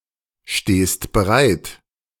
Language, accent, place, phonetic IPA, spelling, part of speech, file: German, Germany, Berlin, [ˌʃteːst bəˈʁaɪ̯t], stehst bereit, verb, De-stehst bereit.ogg
- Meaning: second-person singular present of bereitstehen